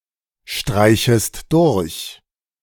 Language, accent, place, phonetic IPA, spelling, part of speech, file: German, Germany, Berlin, [ˌʃtʁaɪ̯çəst ˈdʊʁç], streichest durch, verb, De-streichest durch.ogg
- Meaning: second-person singular subjunctive I of durchstreichen